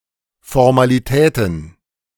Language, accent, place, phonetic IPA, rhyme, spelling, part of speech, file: German, Germany, Berlin, [fɔʁmaliˈtɛːtn̩], -ɛːtn̩, Formalitäten, noun, De-Formalitäten.ogg
- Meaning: plural of Formalität